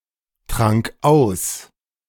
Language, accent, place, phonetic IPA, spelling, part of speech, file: German, Germany, Berlin, [ˌtʁaŋk ˈaʊ̯s], trank aus, verb, De-trank aus.ogg
- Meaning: first/third-person singular preterite of austrinken